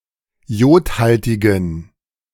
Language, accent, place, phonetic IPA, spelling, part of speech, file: German, Germany, Berlin, [ˈjoːtˌhaltɪɡn̩], jodhaltigen, adjective, De-jodhaltigen.ogg
- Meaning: inflection of jodhaltig: 1. strong genitive masculine/neuter singular 2. weak/mixed genitive/dative all-gender singular 3. strong/weak/mixed accusative masculine singular 4. strong dative plural